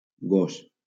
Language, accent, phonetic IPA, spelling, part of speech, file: Catalan, Valencia, [ˈɡos], gos, noun, LL-Q7026 (cat)-gos.wav
- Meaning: 1. dog 2. a lazy man 3. laziness